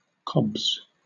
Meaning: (noun) plural of cob; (verb) third-person singular simple present indicative of cob
- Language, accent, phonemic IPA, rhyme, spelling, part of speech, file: English, Southern England, /kɒbz/, -ɒbz, cobs, noun / verb, LL-Q1860 (eng)-cobs.wav